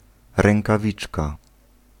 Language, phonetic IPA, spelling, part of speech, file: Polish, [ˌrɛ̃ŋkaˈvʲit͡ʃka], rękawiczka, noun, Pl-rękawiczka.ogg